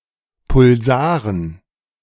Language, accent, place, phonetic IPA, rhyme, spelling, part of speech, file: German, Germany, Berlin, [pʊlˈzaːʁən], -aːʁən, Pulsaren, noun, De-Pulsaren.ogg
- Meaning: dative plural of Pulsar